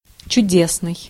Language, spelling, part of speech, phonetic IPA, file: Russian, чудесный, adjective, [t͡ɕʉˈdʲesnɨj], Ru-чудесный.ogg
- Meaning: 1. wonderful, miraculous 2. wonderful, lovely, beautiful, marvellous